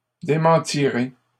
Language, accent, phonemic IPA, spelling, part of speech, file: French, Canada, /de.mɑ̃.ti.ʁe/, démentirez, verb, LL-Q150 (fra)-démentirez.wav
- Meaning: second-person plural simple future of démentir